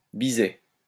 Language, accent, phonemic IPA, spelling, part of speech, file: French, France, /bi.zɛ/, biset, noun, LL-Q150 (fra)-biset.wav
- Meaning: rock pigeon (Columba livia)